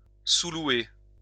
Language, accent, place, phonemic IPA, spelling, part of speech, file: French, France, Lyon, /su.lwe/, sous-louer, verb, LL-Q150 (fra)-sous-louer.wav
- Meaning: to sublet